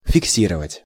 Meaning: 1. to fix, to set, to settle, to state 2. to record 3. to fix (a photograph)
- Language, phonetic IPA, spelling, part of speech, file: Russian, [fʲɪkˈsʲirəvətʲ], фиксировать, verb, Ru-фиксировать.ogg